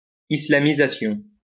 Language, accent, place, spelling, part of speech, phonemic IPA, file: French, France, Lyon, islamisation, noun, /i.sla.mi.za.sjɔ̃/, LL-Q150 (fra)-islamisation.wav
- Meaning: Islamization (act of making Islamic)